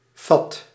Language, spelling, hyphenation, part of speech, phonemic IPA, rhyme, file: Dutch, fat, fat, noun, /fɑt/, -ɑt, Nl-fat.ogg
- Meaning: dandy, a man obsessed with his looks